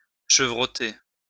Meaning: 1. to quaver 2. to bleat
- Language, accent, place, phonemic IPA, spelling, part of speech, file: French, France, Lyon, /ʃə.vʁɔ.te/, chevroter, verb, LL-Q150 (fra)-chevroter.wav